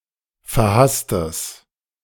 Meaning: strong/mixed nominative/accusative neuter singular of verhasst
- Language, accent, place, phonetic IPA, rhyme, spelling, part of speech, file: German, Germany, Berlin, [fɛɐ̯ˈhastəs], -astəs, verhasstes, adjective, De-verhasstes.ogg